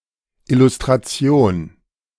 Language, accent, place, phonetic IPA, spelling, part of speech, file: German, Germany, Berlin, [ɪlustʁaˈt͡si̯oːn], Illustration, noun, De-Illustration.ogg
- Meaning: illustration